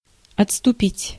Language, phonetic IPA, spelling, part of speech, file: Russian, [ɐt͡sstʊˈpʲitʲ], отступить, verb, Ru-отступить.ogg
- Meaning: 1. to retreat, to fall back 2. to digress, to back off